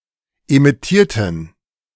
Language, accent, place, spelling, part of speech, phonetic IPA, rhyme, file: German, Germany, Berlin, emittierten, adjective / verb, [emɪˈtiːɐ̯tn̩], -iːɐ̯tn̩, De-emittierten.ogg
- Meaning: inflection of emittieren: 1. first/third-person plural preterite 2. first/third-person plural subjunctive II